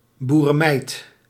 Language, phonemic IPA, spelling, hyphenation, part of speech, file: Dutch, /ˌbuː.rə(n)ˈmɛi̯t/, boerenmeid, boe‧ren‧meid, noun, Nl-boerenmeid.ogg
- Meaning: a farmgirl